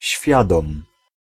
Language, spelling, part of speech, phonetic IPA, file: Polish, świadom, adjective, [ˈɕfʲjadɔ̃m], Pl-świadom.ogg